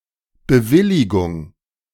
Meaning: approval
- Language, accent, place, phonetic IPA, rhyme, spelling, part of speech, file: German, Germany, Berlin, [bəˈvɪlɪɡʊŋ], -ɪlɪɡʊŋ, Bewilligung, noun, De-Bewilligung.ogg